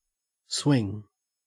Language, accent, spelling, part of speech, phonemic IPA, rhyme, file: English, Australia, swing, verb / noun, /ˈswɪŋ/, -ɪŋ, En-au-swing.ogg
- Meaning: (verb) 1. To rotate about an off-centre fixed point 2. To dance 3. To ride on a swing 4. To participate in the swinging lifestyle; to participate in wifeswapping